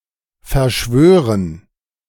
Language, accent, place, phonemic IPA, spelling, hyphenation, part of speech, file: German, Germany, Berlin, /fɛɐ̯ˈʃvøːʁən/, verschwören, ver‧schwö‧ren, verb, De-verschwören.ogg
- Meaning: 1. to conspire 2. to dedicate oneself